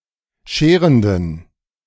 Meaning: inflection of scherend: 1. strong genitive masculine/neuter singular 2. weak/mixed genitive/dative all-gender singular 3. strong/weak/mixed accusative masculine singular 4. strong dative plural
- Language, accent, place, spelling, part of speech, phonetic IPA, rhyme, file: German, Germany, Berlin, scherenden, adjective, [ˈʃeːʁəndn̩], -eːʁəndn̩, De-scherenden.ogg